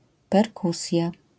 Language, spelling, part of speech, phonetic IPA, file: Polish, perkusja, noun, [pɛrˈkusʲja], LL-Q809 (pol)-perkusja.wav